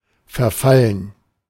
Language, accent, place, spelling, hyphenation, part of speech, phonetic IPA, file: German, Germany, Berlin, verfallen, ver‧fal‧len, verb / adjective, [fɛʁˈfalən], De-verfallen.ogg
- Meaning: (verb) 1. to expire 2. to lapse 3. to be forfeited 4. to decay 5. to decrease, to go down 6. to be inclined to 7. to become addicted to 8. to fall into 9. to resort to 10. past participle of verfallen